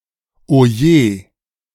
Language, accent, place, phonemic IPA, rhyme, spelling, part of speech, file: German, Germany, Berlin, /oˈjeː/, -eː, oje, interjection, De-oje.ogg
- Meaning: Oh dear!